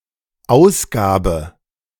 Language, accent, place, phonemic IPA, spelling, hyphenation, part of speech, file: German, Germany, Berlin, /ˈaʊ̯sˌɡaːbə/, Ausgabe, Aus‧ga‧be, noun, De-Ausgabe.ogg
- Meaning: 1. edition, issue (literary work) 2. version, copy (of a book or booklet) 3. expenditure, spending, expense 4. output, readout, outputting 5. issue, issuance (e.g., of paper money)